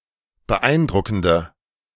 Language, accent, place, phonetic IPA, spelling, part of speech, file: German, Germany, Berlin, [bəˈʔaɪ̯nˌdʁʊkn̩də], beeindruckende, adjective, De-beeindruckende.ogg
- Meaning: inflection of beeindruckend: 1. strong/mixed nominative/accusative feminine singular 2. strong nominative/accusative plural 3. weak nominative all-gender singular